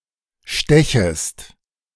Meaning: second-person singular subjunctive I of stechen
- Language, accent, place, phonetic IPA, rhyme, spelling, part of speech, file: German, Germany, Berlin, [ˈʃtɛçəst], -ɛçəst, stechest, verb, De-stechest.ogg